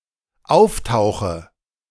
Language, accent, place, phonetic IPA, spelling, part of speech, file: German, Germany, Berlin, [ˈaʊ̯fˌtaʊ̯xə], auftauche, verb, De-auftauche.ogg
- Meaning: inflection of auftauchen: 1. first-person singular dependent present 2. first/third-person singular dependent subjunctive I